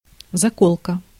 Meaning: barrette (a clasp or clip for gathering and holding the hair)
- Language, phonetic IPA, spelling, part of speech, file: Russian, [zɐˈkoɫkə], заколка, noun, Ru-заколка.ogg